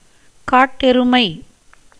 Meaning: 1. wild buffalo, gaur 2. wild water buffalo
- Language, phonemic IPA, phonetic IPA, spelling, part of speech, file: Tamil, /kɑːʈːɛɾʊmɐɪ̯/, [käːʈːe̞ɾʊmɐɪ̯], காட்டெருமை, noun, Ta-காட்டெருமை.ogg